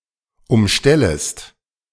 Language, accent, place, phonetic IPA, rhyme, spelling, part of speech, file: German, Germany, Berlin, [ʊmˈʃtɛləst], -ɛləst, umstellest, verb, De-umstellest.ogg
- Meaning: second-person singular subjunctive I of umstellen